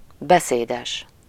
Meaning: 1. talkative 2. informative, telltale
- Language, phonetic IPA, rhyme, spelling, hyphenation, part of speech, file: Hungarian, [ˈbɛseːdɛʃ], -ɛʃ, beszédes, be‧szé‧des, adjective, Hu-beszédes.ogg